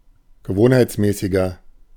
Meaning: 1. comparative degree of gewohnheitsmäßig 2. inflection of gewohnheitsmäßig: strong/mixed nominative masculine singular 3. inflection of gewohnheitsmäßig: strong genitive/dative feminine singular
- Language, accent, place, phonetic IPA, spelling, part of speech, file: German, Germany, Berlin, [ɡəˈvoːnhaɪ̯t͡sˌmɛːsɪɡɐ], gewohnheitsmäßiger, adjective, De-gewohnheitsmäßiger.ogg